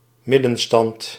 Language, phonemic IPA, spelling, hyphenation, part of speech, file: Dutch, /ˈmɪ.də(n)ˌstɑnt/, middenstand, mid‧den‧stand, noun, Nl-middenstand.ogg
- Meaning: 1. retail, small retail businesses 2. middle-class